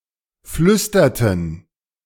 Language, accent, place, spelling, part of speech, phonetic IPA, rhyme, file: German, Germany, Berlin, flüsterten, verb, [ˈflʏstɐtn̩], -ʏstɐtn̩, De-flüsterten.ogg
- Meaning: inflection of flüstern: 1. first/third-person plural preterite 2. first/third-person plural subjunctive II